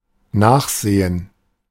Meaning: 1. to check, to look into, to investigate, to explore, to consider 2. to look up (obtain information about something from a text source) 3. to look at (something) as it moves away
- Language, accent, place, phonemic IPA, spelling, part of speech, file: German, Germany, Berlin, /ˈnaːxˌzeːən/, nachsehen, verb, De-nachsehen.ogg